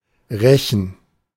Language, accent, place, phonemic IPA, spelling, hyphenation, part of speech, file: German, Germany, Berlin, /ˈʁɛçən/, rechen, re‧chen, verb, De-rechen.ogg
- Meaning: to rake